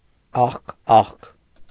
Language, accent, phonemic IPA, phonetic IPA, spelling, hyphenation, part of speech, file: Armenian, Eastern Armenian, /ɑχˈkɑχk/, [ɑχkɑ́χk], աղկաղկ, աղ‧կաղկ, adjective, Hy-աղկաղկ.ogg
- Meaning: 1. poor, miserable 2. lean, meagre